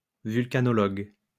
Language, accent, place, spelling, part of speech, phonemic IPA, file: French, France, Lyon, vulcanologue, noun, /vyl.ka.nɔ.lɔɡ/, LL-Q150 (fra)-vulcanologue.wav
- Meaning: synonym of volcanologue (“volcanologist”)